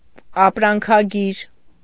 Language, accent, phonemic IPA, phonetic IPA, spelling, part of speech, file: Armenian, Eastern Armenian, /ɑpɾɑnkʰɑˈɡiɾ/, [ɑpɾɑŋkʰɑɡíɾ], ապրանքագիր, noun, Hy-ապրանքագիր.ogg
- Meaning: shipping list, packing list, waybill